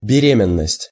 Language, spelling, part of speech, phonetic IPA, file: Russian, беременность, noun, [bʲɪˈrʲemʲɪn(ː)əsʲtʲ], Ru-беременность.ogg
- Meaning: 1. pregnancy 2. childbearing 3. gravidity, gestation